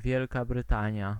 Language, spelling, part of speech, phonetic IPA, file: Polish, Wielka Brytania, proper noun, [ˈvʲjɛlka brɨˈtãɲja], Pl-Wielka Brytania.ogg